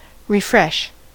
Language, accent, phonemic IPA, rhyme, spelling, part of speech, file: English, US, /ɹɪˈfɹɛʃ/, -ɛʃ, refresh, verb / noun, En-us-refresh.ogg
- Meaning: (verb) 1. To renew or revitalize 2. To become fresh again; to be revitalized 3. To reload (a document, especially a webpage) and show any new changes